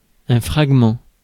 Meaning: fragment
- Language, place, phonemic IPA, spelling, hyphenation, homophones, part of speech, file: French, Paris, /fʁaɡ.mɑ̃/, fragment, frag‧ment, fragments, noun, Fr-fragment.ogg